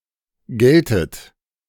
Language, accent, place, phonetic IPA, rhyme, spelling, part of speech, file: German, Germany, Berlin, [ˈɡɛltət], -ɛltət, gältet, verb, De-gältet.ogg
- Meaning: second-person plural subjunctive II of gelten